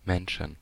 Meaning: 1. accusative/dative/genitive singular of Mensch 2. plural of Mensch
- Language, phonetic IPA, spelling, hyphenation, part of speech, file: German, [ˈmɛnʃn̩], Menschen, Men‧schen, noun, De-Menschen.ogg